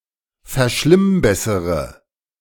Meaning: inflection of verschlimmbessern: 1. first-person singular present 2. first/third-person singular subjunctive I 3. singular imperative
- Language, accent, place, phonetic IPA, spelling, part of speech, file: German, Germany, Berlin, [fɛɐ̯ˈʃlɪmˌbɛsəʁə], verschlimmbessere, verb, De-verschlimmbessere.ogg